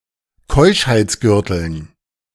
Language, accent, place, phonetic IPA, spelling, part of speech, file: German, Germany, Berlin, [ˈkɔɪ̯ʃhaɪ̯t͡sˌɡʏʁtl̩n], Keuschheitsgürteln, noun, De-Keuschheitsgürteln.ogg
- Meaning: dative plural of Keuschheitsgürtel